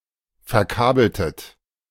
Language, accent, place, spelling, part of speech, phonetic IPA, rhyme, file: German, Germany, Berlin, verkabeltet, verb, [fɛɐ̯ˈkaːbl̩tət], -aːbl̩tət, De-verkabeltet.ogg
- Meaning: inflection of verkabeln: 1. second-person plural preterite 2. second-person plural subjunctive II